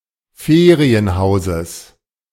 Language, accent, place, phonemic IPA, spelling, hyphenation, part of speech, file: German, Germany, Berlin, /ˈfeːʁiənˌhaʊ̯zəs/, Ferienhauses, Fe‧ri‧en‧hau‧ses, noun, De-Ferienhauses.ogg
- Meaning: genitive singular of Ferienhaus